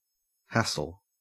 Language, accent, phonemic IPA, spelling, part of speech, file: English, Australia, /ˈhæsl̩/, hassle, noun / verb / adjective, En-au-hassle.ogg
- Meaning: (noun) 1. Trouble, bother, unwanted annoyances or problems 2. A fight or argument 3. An action which is not worth the difficulty involved; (verb) To trouble, to bother, to annoy